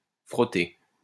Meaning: feminine singular of frotté
- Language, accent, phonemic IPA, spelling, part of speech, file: French, France, /fʁɔ.te/, frottée, verb, LL-Q150 (fra)-frottée.wav